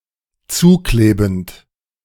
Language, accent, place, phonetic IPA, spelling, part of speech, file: German, Germany, Berlin, [ˈt͡suːˌkleːbn̩t], zuklebend, verb, De-zuklebend.ogg
- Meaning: present participle of zukleben